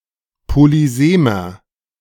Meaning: inflection of polysem: 1. strong/mixed nominative masculine singular 2. strong genitive/dative feminine singular 3. strong genitive plural
- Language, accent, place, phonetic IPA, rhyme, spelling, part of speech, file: German, Germany, Berlin, [poliˈzeːmɐ], -eːmɐ, polysemer, adjective, De-polysemer.ogg